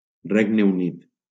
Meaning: United Kingdom (a kingdom and country in Northern Europe; official name: Regne Unit de Gran Bretanya i Irlanda del Nord)
- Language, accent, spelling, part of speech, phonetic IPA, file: Catalan, Valencia, Regne Unit, proper noun, [ˈreŋ.ne uˈnit], LL-Q7026 (cat)-Regne Unit.wav